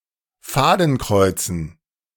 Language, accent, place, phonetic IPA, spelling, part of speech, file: German, Germany, Berlin, [ˈfaːdn̩ˌkʁɔɪ̯t͡sn̩], Fadenkreuzen, noun, De-Fadenkreuzen.ogg
- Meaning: dative plural of Fadenkreuz